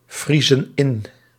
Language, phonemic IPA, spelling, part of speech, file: Dutch, /ˈvrizə(n) ˈɪn/, vriezen in, verb, Nl-vriezen in.ogg
- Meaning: inflection of invriezen: 1. plural present indicative 2. plural present subjunctive